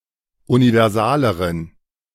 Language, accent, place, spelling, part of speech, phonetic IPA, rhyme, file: German, Germany, Berlin, universaleren, adjective, [univɛʁˈzaːləʁən], -aːləʁən, De-universaleren.ogg
- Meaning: inflection of universal: 1. strong genitive masculine/neuter singular comparative degree 2. weak/mixed genitive/dative all-gender singular comparative degree